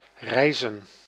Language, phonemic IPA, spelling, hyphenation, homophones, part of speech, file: Dutch, /ˈrɛi̯.zə(n)/, reizen, rei‧zen, rijzen, verb / noun, Nl-reizen.ogg
- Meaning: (verb) to travel; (noun) plural of reis